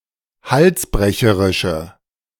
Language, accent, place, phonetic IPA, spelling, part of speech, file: German, Germany, Berlin, [ˈhalsˌbʁɛçəʁɪʃə], halsbrecherische, adjective, De-halsbrecherische.ogg
- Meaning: inflection of halsbrecherisch: 1. strong/mixed nominative/accusative feminine singular 2. strong nominative/accusative plural 3. weak nominative all-gender singular